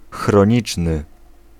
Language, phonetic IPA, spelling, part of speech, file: Polish, [xrɔ̃ˈɲit͡ʃnɨ], chroniczny, adjective, Pl-chroniczny.ogg